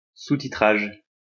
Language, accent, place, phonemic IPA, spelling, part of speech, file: French, France, Lyon, /su.ti.tʁaʒ/, sous-titrage, noun, LL-Q150 (fra)-sous-titrage.wav
- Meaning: subtitling